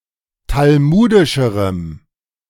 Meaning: strong dative masculine/neuter singular comparative degree of talmudisch
- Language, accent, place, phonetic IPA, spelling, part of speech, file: German, Germany, Berlin, [talˈmuːdɪʃəʁəm], talmudischerem, adjective, De-talmudischerem.ogg